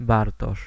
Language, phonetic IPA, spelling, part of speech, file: Polish, [ˈbartɔʃ], Bartosz, proper noun, Pl-Bartosz.ogg